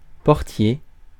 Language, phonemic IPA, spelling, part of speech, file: French, /pɔʁ.tje/, portier, noun, Fr-portier.ogg
- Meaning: 1. gatekeeper, doorkeeper, doorman 2. goalkeeper